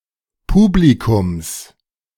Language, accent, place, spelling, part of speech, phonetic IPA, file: German, Germany, Berlin, Publikums, noun, [ˈpuːblikʊms], De-Publikums.ogg
- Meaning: genitive singular of Publikum